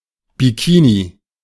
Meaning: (proper noun) Bikini (an atoll in the Marshall Islands); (noun) a bikini (two-piece swimsuit)
- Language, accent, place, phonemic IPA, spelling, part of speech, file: German, Germany, Berlin, /biˈkiːni/, Bikini, proper noun / noun, De-Bikini.ogg